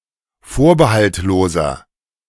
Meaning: inflection of vorbehaltlos: 1. strong/mixed nominative masculine singular 2. strong genitive/dative feminine singular 3. strong genitive plural
- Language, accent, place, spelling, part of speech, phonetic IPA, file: German, Germany, Berlin, vorbehaltloser, adjective, [ˈfoːɐ̯bəhaltˌloːzɐ], De-vorbehaltloser.ogg